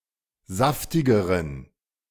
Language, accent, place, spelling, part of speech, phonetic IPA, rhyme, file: German, Germany, Berlin, saftigeren, adjective, [ˈzaftɪɡəʁən], -aftɪɡəʁən, De-saftigeren.ogg
- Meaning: inflection of saftig: 1. strong genitive masculine/neuter singular comparative degree 2. weak/mixed genitive/dative all-gender singular comparative degree